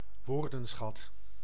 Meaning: vocabulary
- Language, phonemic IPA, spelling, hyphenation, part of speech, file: Dutch, /ˈʋoːr.də(n)ˌsxɑt/, woordenschat, woor‧den‧schat, noun, Nl-woordenschat.ogg